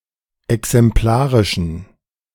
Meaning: inflection of exemplarisch: 1. strong genitive masculine/neuter singular 2. weak/mixed genitive/dative all-gender singular 3. strong/weak/mixed accusative masculine singular 4. strong dative plural
- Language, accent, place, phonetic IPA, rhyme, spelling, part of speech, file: German, Germany, Berlin, [ɛksɛmˈplaːʁɪʃn̩], -aːʁɪʃn̩, exemplarischen, adjective, De-exemplarischen.ogg